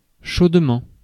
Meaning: 1. hotly 2. heartily
- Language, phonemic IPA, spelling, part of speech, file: French, /ʃod.mɑ̃/, chaudement, adverb, Fr-chaudement.ogg